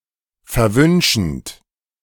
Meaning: present participle of verwünschen
- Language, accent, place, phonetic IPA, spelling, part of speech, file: German, Germany, Berlin, [fɛɐ̯ˈvʏnʃn̩t], verwünschend, verb, De-verwünschend.ogg